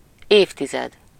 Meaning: decade (a period of ten years)
- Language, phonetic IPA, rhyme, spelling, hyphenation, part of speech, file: Hungarian, [ˈeːftizɛd], -ɛd, évtized, év‧ti‧zed, noun, Hu-évtized.ogg